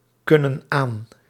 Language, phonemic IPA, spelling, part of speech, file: Dutch, /ˈkʏnə(n) ˈan/, kunnen aan, verb, Nl-kunnen aan.ogg
- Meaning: inflection of aankunnen: 1. plural present indicative 2. plural present subjunctive